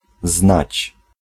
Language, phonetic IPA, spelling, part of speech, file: Polish, [znat͡ɕ], znać, verb, Pl-znać.ogg